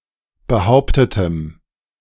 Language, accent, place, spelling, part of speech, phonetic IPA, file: German, Germany, Berlin, behauptetem, adjective, [bəˈhaʊ̯ptətəm], De-behauptetem.ogg
- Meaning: strong dative masculine/neuter singular of behauptet